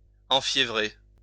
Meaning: to stir up, rouse
- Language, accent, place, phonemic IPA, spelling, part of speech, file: French, France, Lyon, /ɑ̃.fje.vʁe/, enfiévrer, verb, LL-Q150 (fra)-enfiévrer.wav